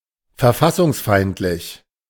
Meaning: anticonstitutional
- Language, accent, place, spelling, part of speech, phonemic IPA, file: German, Germany, Berlin, verfassungsfeindlich, adjective, /fɛɐ̯ˈfasʊŋsˌfaɪ̯ntlɪç/, De-verfassungsfeindlich.ogg